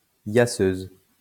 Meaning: female equivalent of yasseur
- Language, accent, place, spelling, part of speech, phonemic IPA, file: French, France, Lyon, yasseuse, noun, /ja.søz/, LL-Q150 (fra)-yasseuse.wav